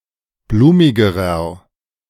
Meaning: inflection of blumig: 1. strong/mixed nominative masculine singular comparative degree 2. strong genitive/dative feminine singular comparative degree 3. strong genitive plural comparative degree
- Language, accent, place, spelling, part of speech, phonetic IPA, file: German, Germany, Berlin, blumigerer, adjective, [ˈbluːmɪɡəʁɐ], De-blumigerer.ogg